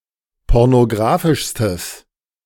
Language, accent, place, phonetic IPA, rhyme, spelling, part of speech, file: German, Germany, Berlin, [ˌpɔʁnoˈɡʁaːfɪʃstəs], -aːfɪʃstəs, pornografischstes, adjective, De-pornografischstes.ogg
- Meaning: strong/mixed nominative/accusative neuter singular superlative degree of pornografisch